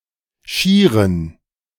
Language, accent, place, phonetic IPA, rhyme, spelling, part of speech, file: German, Germany, Berlin, [ˈʃiːʁən], -iːʁən, schieren, adjective, De-schieren.ogg
- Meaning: inflection of schier: 1. strong genitive masculine/neuter singular 2. weak/mixed genitive/dative all-gender singular 3. strong/weak/mixed accusative masculine singular 4. strong dative plural